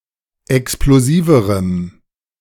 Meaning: strong dative masculine/neuter singular comparative degree of explosiv
- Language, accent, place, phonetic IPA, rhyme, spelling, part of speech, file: German, Germany, Berlin, [ɛksploˈziːvəʁəm], -iːvəʁəm, explosiverem, adjective, De-explosiverem.ogg